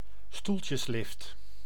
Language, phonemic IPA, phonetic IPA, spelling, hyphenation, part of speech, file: Dutch, /ˈstul.tjəsˌlɪft/, [ˈstul.cəsˌlɪft], stoeltjeslift, stoel‧tjes‧lift, noun, Nl-stoeltjeslift.ogg
- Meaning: a chairlift